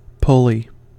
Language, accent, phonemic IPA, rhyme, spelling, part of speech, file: English, US, /ˈpʊli/, -ʊli, pulley, noun / verb, En-us-pulley.ogg